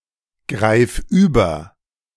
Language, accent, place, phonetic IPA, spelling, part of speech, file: German, Germany, Berlin, [ˌɡʁaɪ̯f ˈyːbɐ], greif über, verb, De-greif über.ogg
- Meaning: singular imperative of übergreifen